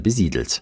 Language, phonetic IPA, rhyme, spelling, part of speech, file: German, [bəˈziːdl̩t], -iːdl̩t, besiedelt, adjective / verb, De-besiedelt.ogg
- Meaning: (verb) past participle of besiedeln; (adjective) populated, settled